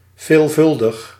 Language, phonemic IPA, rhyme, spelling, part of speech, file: Dutch, /veːlˈvʏl.dəx/, -ʏldəx, veelvuldig, adjective, Nl-veelvuldig.ogg
- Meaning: frequent